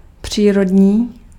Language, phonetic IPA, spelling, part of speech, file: Czech, [ˈpr̝̊iːrodɲiː], přírodní, adjective, Cs-přírodní.ogg
- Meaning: natural (relating to nature)